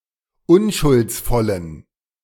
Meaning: inflection of unschuldsvoll: 1. strong genitive masculine/neuter singular 2. weak/mixed genitive/dative all-gender singular 3. strong/weak/mixed accusative masculine singular 4. strong dative plural
- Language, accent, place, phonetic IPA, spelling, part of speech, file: German, Germany, Berlin, [ˈʊnʃʊlt͡sˌfɔlən], unschuldsvollen, adjective, De-unschuldsvollen.ogg